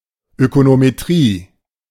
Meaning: econometrics (branch of economics)
- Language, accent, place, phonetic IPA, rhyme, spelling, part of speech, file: German, Germany, Berlin, [ˌøkonomeˈtʁiː], -iː, Ökonometrie, noun, De-Ökonometrie.ogg